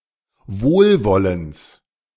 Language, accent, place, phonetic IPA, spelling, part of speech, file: German, Germany, Berlin, [ˈvoːlˌvɔləns], Wohlwollens, noun, De-Wohlwollens.ogg
- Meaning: genitive singular of Wohlwollen